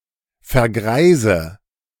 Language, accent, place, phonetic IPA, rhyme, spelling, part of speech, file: German, Germany, Berlin, [fɛɐ̯ˈɡʁaɪ̯zə], -aɪ̯zə, vergreise, verb, De-vergreise.ogg
- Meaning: inflection of vergreisen: 1. first-person singular present 2. first/third-person singular subjunctive I 3. singular imperative